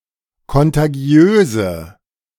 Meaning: inflection of kontagiös: 1. strong/mixed nominative/accusative feminine singular 2. strong nominative/accusative plural 3. weak nominative all-gender singular
- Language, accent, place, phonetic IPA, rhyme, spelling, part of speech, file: German, Germany, Berlin, [kɔntaˈɡi̯øːzə], -øːzə, kontagiöse, adjective, De-kontagiöse.ogg